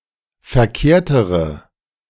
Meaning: inflection of verkehrt: 1. strong/mixed nominative/accusative feminine singular comparative degree 2. strong nominative/accusative plural comparative degree
- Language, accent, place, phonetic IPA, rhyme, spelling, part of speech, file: German, Germany, Berlin, [fɛɐ̯ˈkeːɐ̯təʁə], -eːɐ̯təʁə, verkehrtere, adjective, De-verkehrtere.ogg